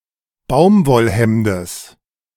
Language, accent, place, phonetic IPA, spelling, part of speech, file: German, Germany, Berlin, [ˈbaʊ̯mvɔlˌhɛmdəs], Baumwollhemdes, noun, De-Baumwollhemdes.ogg
- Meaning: genitive singular of Baumwollhemd